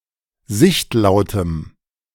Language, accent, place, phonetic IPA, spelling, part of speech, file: German, Germany, Berlin, [ˈzɪçtˌlaʊ̯təm], sichtlautem, adjective, De-sichtlautem.ogg
- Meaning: strong dative masculine/neuter singular of sichtlaut